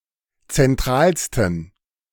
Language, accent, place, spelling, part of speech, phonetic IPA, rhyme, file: German, Germany, Berlin, zentralsten, adjective, [t͡sɛnˈtʁaːlstn̩], -aːlstn̩, De-zentralsten.ogg
- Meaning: 1. superlative degree of zentral 2. inflection of zentral: strong genitive masculine/neuter singular superlative degree